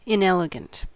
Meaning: Not elegant; not exhibiting neatness, refinement, or precision
- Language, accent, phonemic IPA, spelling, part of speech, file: English, US, /ɪnˈɛlɪɡənt/, inelegant, adjective, En-us-inelegant.ogg